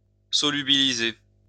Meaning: to solubilize
- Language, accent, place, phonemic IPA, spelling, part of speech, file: French, France, Lyon, /sɔ.ly.bi.li.ze/, solubiliser, verb, LL-Q150 (fra)-solubiliser.wav